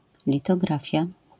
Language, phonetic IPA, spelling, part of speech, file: Polish, [ˌlʲitɔˈɡrafʲja], litografia, noun, LL-Q809 (pol)-litografia.wav